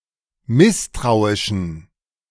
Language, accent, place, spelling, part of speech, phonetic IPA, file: German, Germany, Berlin, misstrauischen, adjective, [ˈmɪstʁaʊ̯ɪʃn̩], De-misstrauischen.ogg
- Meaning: inflection of misstrauisch: 1. strong genitive masculine/neuter singular 2. weak/mixed genitive/dative all-gender singular 3. strong/weak/mixed accusative masculine singular 4. strong dative plural